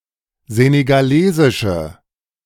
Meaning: inflection of senegalesisch: 1. strong/mixed nominative/accusative feminine singular 2. strong nominative/accusative plural 3. weak nominative all-gender singular
- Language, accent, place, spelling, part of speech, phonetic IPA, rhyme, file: German, Germany, Berlin, senegalesische, adjective, [ˌzeːneɡaˈleːzɪʃə], -eːzɪʃə, De-senegalesische.ogg